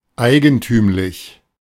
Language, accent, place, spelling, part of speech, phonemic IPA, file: German, Germany, Berlin, eigentümlich, adjective, /ˈaɪ̯ɡn̩tyːmlɪç/, De-eigentümlich.ogg
- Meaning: 1. typical, specific 2. peculiar